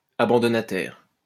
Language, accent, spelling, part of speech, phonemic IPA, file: French, France, abandonnataire, adjective / noun, /a.bɑ̃.dɔ.na.tɛʁ/, LL-Q150 (fra)-abandonnataire.wav
- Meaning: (adjective) Which benefits from another party giving up something; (noun) a natural or moral person who benefits from another party giving up something